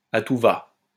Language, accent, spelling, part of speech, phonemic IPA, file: French, France, à tout va, adjective / adverb, /a tu va/, LL-Q150 (fra)-à tout va.wav
- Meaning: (adjective) alternative form of à tout-va